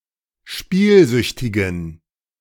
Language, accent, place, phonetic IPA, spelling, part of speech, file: German, Germany, Berlin, [ˈʃpiːlˌzʏçtɪɡn̩], spielsüchtigen, adjective, De-spielsüchtigen.ogg
- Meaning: inflection of spielsüchtig: 1. strong genitive masculine/neuter singular 2. weak/mixed genitive/dative all-gender singular 3. strong/weak/mixed accusative masculine singular 4. strong dative plural